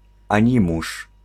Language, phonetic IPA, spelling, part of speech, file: Polish, [ãˈɲĩmuʃ], animusz, noun, Pl-animusz.ogg